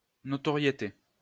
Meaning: reputation
- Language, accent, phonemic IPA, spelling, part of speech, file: French, France, /nɔ.tɔ.ʁje.te/, notoriété, noun, LL-Q150 (fra)-notoriété.wav